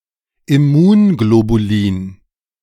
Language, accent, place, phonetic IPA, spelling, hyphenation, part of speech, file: German, Germany, Berlin, [ɪˈmuːnɡlobuˌliːn], Immunglobulin, Im‧mun‧glo‧bu‧lin, noun, De-Immunglobulin.ogg
- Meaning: immunoglobulin